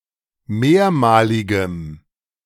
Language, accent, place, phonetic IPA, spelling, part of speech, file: German, Germany, Berlin, [ˈmeːɐ̯maːlɪɡəm], mehrmaligem, adjective, De-mehrmaligem.ogg
- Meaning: strong dative masculine/neuter singular of mehrmalig